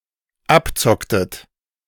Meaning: inflection of abzocken: 1. second-person plural dependent preterite 2. second-person plural dependent subjunctive II
- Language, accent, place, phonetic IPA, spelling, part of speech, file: German, Germany, Berlin, [ˈapˌt͡sɔktət], abzocktet, verb, De-abzocktet.ogg